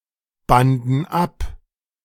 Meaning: first/third-person plural preterite of abbinden
- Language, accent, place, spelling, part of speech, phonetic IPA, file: German, Germany, Berlin, banden ab, verb, [ˌbandn̩ ˈap], De-banden ab.ogg